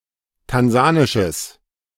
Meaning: strong/mixed nominative/accusative neuter singular of tansanisch
- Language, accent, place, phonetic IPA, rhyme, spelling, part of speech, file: German, Germany, Berlin, [tanˈzaːnɪʃəs], -aːnɪʃəs, tansanisches, adjective, De-tansanisches.ogg